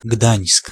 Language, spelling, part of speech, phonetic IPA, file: Polish, Gdańsk, proper noun, [ɡdãj̃sk], Pl-Gdańsk.ogg